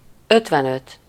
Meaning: fifty-five
- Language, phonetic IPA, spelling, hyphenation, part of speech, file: Hungarian, [ˈøtvɛnøt], ötvenöt, öt‧ven‧öt, numeral, Hu-ötvenöt.ogg